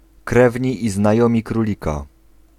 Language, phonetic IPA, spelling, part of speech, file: Polish, [ˈkrɛvʲɲi ˌː‿znaˈjɔ̃mʲi kruˈlʲika], krewni i znajomi królika, noun, Pl-krewni i znajomi królika.ogg